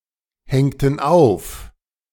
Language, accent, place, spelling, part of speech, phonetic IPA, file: German, Germany, Berlin, hängten auf, verb, [ˌhɛŋtn̩ ˈaʊ̯f], De-hängten auf.ogg
- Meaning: inflection of aufhängen: 1. first/third-person plural preterite 2. first/third-person plural subjunctive II